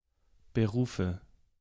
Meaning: nominative/accusative/genitive plural of Beruf
- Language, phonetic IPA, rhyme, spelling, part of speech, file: German, [bəˈʁuːfə], -uːfə, Berufe, noun, De-Berufe.ogg